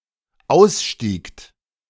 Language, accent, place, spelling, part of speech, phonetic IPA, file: German, Germany, Berlin, ausstiegt, verb, [ˈaʊ̯sˌʃtiːkt], De-ausstiegt.ogg
- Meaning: second-person plural dependent preterite of aussteigen